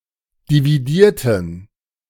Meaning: inflection of dividieren: 1. first/third-person plural preterite 2. first/third-person plural subjunctive II
- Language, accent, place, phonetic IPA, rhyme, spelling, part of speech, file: German, Germany, Berlin, [diviˈdiːɐ̯tn̩], -iːɐ̯tn̩, dividierten, adjective / verb, De-dividierten.ogg